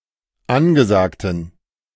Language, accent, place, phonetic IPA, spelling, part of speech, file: German, Germany, Berlin, [ˈanɡəˌzaːktn̩], angesagten, adjective, De-angesagten.ogg
- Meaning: inflection of angesagt: 1. strong genitive masculine/neuter singular 2. weak/mixed genitive/dative all-gender singular 3. strong/weak/mixed accusative masculine singular 4. strong dative plural